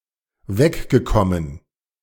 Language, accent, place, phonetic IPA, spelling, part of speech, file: German, Germany, Berlin, [ˈvɛkɡəˌkɔmən], weggekommen, verb, De-weggekommen.ogg
- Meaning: past participle of wegkommen